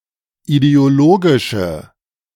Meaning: inflection of ideologisch: 1. strong/mixed nominative/accusative feminine singular 2. strong nominative/accusative plural 3. weak nominative all-gender singular
- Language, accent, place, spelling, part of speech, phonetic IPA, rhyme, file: German, Germany, Berlin, ideologische, adjective, [ideoˈloːɡɪʃə], -oːɡɪʃə, De-ideologische.ogg